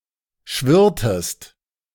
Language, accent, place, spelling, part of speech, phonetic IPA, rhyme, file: German, Germany, Berlin, schwirrtest, verb, [ˈʃvɪʁtəst], -ɪʁtəst, De-schwirrtest.ogg
- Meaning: inflection of schwirren: 1. second-person singular preterite 2. second-person singular subjunctive II